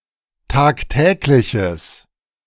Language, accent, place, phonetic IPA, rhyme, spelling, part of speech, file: German, Germany, Berlin, [ˌtaːkˈtɛːklɪçəs], -ɛːklɪçəs, tagtägliches, adjective, De-tagtägliches.ogg
- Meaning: strong/mixed nominative/accusative neuter singular of tagtäglich